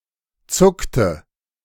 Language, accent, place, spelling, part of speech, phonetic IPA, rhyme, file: German, Germany, Berlin, zuckte, verb, [ˈt͡sʊktə], -ʊktə, De-zuckte.ogg
- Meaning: inflection of zucken: 1. first/third-person singular preterite 2. first/third-person singular subjunctive II